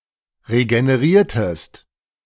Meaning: inflection of regenerieren: 1. second-person singular preterite 2. second-person singular subjunctive II
- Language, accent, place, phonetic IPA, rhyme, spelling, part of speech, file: German, Germany, Berlin, [ʁeɡəneˈʁiːɐ̯təst], -iːɐ̯təst, regeneriertest, verb, De-regeneriertest.ogg